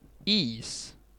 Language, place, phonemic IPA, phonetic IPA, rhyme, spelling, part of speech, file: Swedish, Gotland, /iːs/, [iːs̪], -iːs, is, noun, Sv-is.ogg
- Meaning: 1. ice (frozen water) 2. ice (mass of ice, for example a sheet)